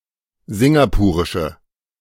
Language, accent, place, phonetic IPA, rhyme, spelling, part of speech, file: German, Germany, Berlin, [ˈzɪŋɡapuːʁɪʃə], -uːʁɪʃə, singapurische, adjective, De-singapurische.ogg
- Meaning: inflection of singapurisch: 1. strong/mixed nominative/accusative feminine singular 2. strong nominative/accusative plural 3. weak nominative all-gender singular